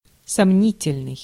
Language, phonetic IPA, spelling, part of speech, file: Russian, [sɐˈmnʲitʲɪlʲnɨj], сомнительный, adjective, Ru-сомнительный.ogg
- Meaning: doubtful, dubious, questionable